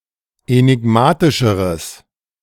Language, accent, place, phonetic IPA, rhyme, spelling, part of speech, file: German, Germany, Berlin, [enɪˈɡmaːtɪʃəʁəs], -aːtɪʃəʁəs, enigmatischeres, adjective, De-enigmatischeres.ogg
- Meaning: strong/mixed nominative/accusative neuter singular comparative degree of enigmatisch